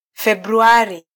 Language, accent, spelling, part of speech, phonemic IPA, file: Swahili, Kenya, Februari, proper noun, /fɛɓ.ɾuˈɑ.ɾi/, Sw-ke-Februari.flac
- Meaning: February